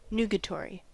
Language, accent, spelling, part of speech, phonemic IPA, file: English, US, nugatory, adjective, /ˈn(j)uːɡətɔɹi/, En-us-nugatory.ogg
- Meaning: 1. Trivial, trifling or of little importance 2. Ineffective, invalid or futile 3. Having no force, inoperative, ineffectual 4. Removable from a computer program with safety, but harmless if retained